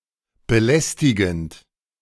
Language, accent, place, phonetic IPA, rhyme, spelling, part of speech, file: German, Germany, Berlin, [bəˈlɛstɪɡn̩t], -ɛstɪɡn̩t, belästigend, verb, De-belästigend.ogg
- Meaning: present participle of belästigen